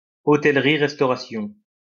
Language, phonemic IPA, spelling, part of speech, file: French, /ʁɛs.tɔ.ʁa.sjɔ̃/, restauration, noun, LL-Q150 (fra)-restauration.wav
- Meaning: 1. restoration 2. the restaurant industry 3. restore